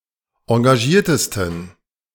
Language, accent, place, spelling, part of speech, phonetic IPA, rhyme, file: German, Germany, Berlin, engagiertesten, adjective, [ɑ̃ɡaˈʒiːɐ̯təstn̩], -iːɐ̯təstn̩, De-engagiertesten.ogg
- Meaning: 1. superlative degree of engagiert 2. inflection of engagiert: strong genitive masculine/neuter singular superlative degree